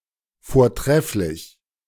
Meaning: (adjective) excellent, splendid; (adverb) excellently, splendidly
- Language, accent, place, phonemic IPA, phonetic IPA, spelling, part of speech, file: German, Germany, Berlin, /foːʁˈtʁɛflɪç/, [foːɐ̯ˈtʁɛflɪç], vortrefflich, adjective / adverb, De-vortrefflich.ogg